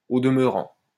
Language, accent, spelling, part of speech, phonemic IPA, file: French, France, au demeurant, adverb, /o d(ə).mœ.ʁɑ̃/, LL-Q150 (fra)-au demeurant.wav
- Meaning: moreover; for that matter, as it happens